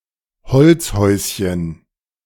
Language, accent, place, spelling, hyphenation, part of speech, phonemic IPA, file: German, Germany, Berlin, Holzhäuschen, Holz‧häus‧chen, noun, /ˈhɔl(t)sˌhɔʏ̯sçən/, De-Holzhäuschen.ogg
- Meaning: diminutive of Holzhaus